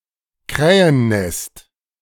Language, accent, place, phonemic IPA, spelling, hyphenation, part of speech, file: German, Germany, Berlin, /ˈkʁɛːənˌnɛst/, Krähennest, Krä‧hen‧nest, noun, De-Krähennest.ogg
- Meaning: crow's nest